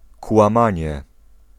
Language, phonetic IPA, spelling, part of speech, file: Polish, [kwãˈmãɲɛ], kłamanie, noun, Pl-kłamanie.ogg